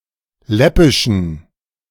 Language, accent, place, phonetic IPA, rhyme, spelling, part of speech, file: German, Germany, Berlin, [ˈlɛpɪʃn̩], -ɛpɪʃn̩, läppischen, adjective, De-läppischen.ogg
- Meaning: inflection of läppisch: 1. strong genitive masculine/neuter singular 2. weak/mixed genitive/dative all-gender singular 3. strong/weak/mixed accusative masculine singular 4. strong dative plural